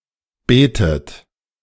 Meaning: inflection of beten: 1. third-person singular present 2. second-person plural present 3. plural imperative 4. second-person plural subjunctive I
- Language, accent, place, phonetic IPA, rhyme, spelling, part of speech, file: German, Germany, Berlin, [ˈbeːtət], -eːtət, betet, verb, De-betet.ogg